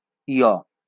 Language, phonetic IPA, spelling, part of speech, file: Bengali, [ˈɔnt̪ost̪ʰoe̯ɔˑ], য়, character, LL-Q9610 (ben)-য়.wav
- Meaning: The 46th character in the Bengali alphabet